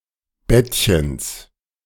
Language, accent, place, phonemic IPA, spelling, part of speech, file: German, Germany, Berlin, /ˈbɛtçəns/, Bettchens, noun, De-Bettchens.ogg
- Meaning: genitive of Bettchen